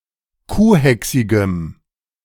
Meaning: strong dative masculine/neuter singular of kuhhächsig
- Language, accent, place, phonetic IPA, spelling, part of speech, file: German, Germany, Berlin, [ˈkuːˌhɛksɪɡəm], kuhhächsigem, adjective, De-kuhhächsigem.ogg